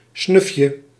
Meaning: 1. diminutive of snuf: little smell 2. diminutive of snuf: little snuff 3. a small amount of tobacco, esp. one that can be snuffed in one instance 4. a tiny amount, a teeny bit, a pinch
- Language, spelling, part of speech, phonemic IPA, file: Dutch, snufje, noun, /ˈsnʏfjə/, Nl-snufje.ogg